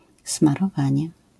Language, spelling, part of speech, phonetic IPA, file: Polish, smarowanie, noun, [ˌsmarɔˈvãɲɛ], LL-Q809 (pol)-smarowanie.wav